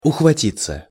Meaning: 1. to catch/lay hold (of), to grasp 2. to snatch (at), to grasp (at) 3. passive of ухвати́ть (uxvatítʹ)
- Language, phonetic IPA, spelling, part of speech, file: Russian, [ʊxvɐˈtʲit͡sːə], ухватиться, verb, Ru-ухватиться.ogg